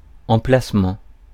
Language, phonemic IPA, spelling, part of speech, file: French, /ɑ̃.plas.mɑ̃/, emplacement, noun, Fr-emplacement.ogg
- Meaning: site, location